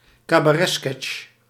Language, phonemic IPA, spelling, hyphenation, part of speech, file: Dutch, /kaː.baːˈrɛ(t)ˌskɛtʃ/, cabaretsketch, ca‧ba‧ret‧sketch, noun, Nl-cabaretsketch.ogg
- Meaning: cabaret sketch